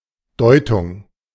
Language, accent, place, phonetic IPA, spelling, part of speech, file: German, Germany, Berlin, [ˈdɔʏ̯tʊŋ(k)], Deutung, noun, De-Deutung.ogg
- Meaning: interpretation, analysis